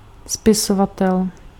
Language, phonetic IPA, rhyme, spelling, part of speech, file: Czech, [ˈspɪsovatɛl], -atɛl, spisovatel, noun, Cs-spisovatel.ogg
- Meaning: writer